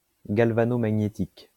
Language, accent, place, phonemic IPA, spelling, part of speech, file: French, France, Lyon, /ɡal.va.no.ma.ɲe.tik/, galvanomagnétique, adjective, LL-Q150 (fra)-galvanomagnétique.wav
- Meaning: galvanomagnetic